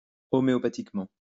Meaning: alternative form of homéopathiquement
- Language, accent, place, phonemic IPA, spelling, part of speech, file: French, France, Lyon, /ɔ.me.ɔ.pa.tik.mɑ̃/, homœopathiquement, adverb, LL-Q150 (fra)-homœopathiquement.wav